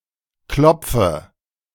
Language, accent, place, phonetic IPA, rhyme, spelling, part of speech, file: German, Germany, Berlin, [ˈklɔp͡fə], -ɔp͡fə, klopfe, verb, De-klopfe.ogg
- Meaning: inflection of klopfen: 1. first-person singular present 2. first/third-person singular subjunctive I 3. singular imperative